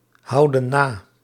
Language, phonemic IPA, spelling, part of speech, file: Dutch, /ˈhɑudə(n) ˈna/, houden na, verb, Nl-houden na.ogg
- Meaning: inflection of nahouden: 1. plural present indicative 2. plural present subjunctive